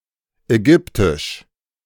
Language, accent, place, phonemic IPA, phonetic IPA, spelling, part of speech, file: German, Germany, Berlin, /ɛˈɡʏptɪʃ/, [ʔɛˈɡʏptɪʃ], Ägyptisch, proper noun, De-Ägyptisch.ogg
- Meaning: Egyptian (language)